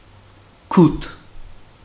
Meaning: pity, compassion
- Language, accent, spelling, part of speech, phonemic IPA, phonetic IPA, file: Armenian, Western Armenian, գութ, noun, /kut/, [kʰutʰ], HyW-գութ.ogg